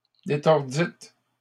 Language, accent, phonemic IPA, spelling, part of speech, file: French, Canada, /de.tɔʁ.dit/, détordîtes, verb, LL-Q150 (fra)-détordîtes.wav
- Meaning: second-person plural past historic of détordre